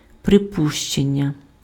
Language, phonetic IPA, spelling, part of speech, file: Ukrainian, [preˈpuʃt͡ʃenʲːɐ], припущення, noun, Uk-припущення.ogg
- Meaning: 1. assumption, presumption, supposition, presupposition 2. surmise, conjecture, guess